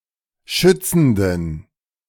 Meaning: inflection of schützend: 1. strong genitive masculine/neuter singular 2. weak/mixed genitive/dative all-gender singular 3. strong/weak/mixed accusative masculine singular 4. strong dative plural
- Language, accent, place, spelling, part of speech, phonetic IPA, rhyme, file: German, Germany, Berlin, schützenden, adjective, [ˈʃʏt͡sn̩dən], -ʏt͡sn̩dən, De-schützenden.ogg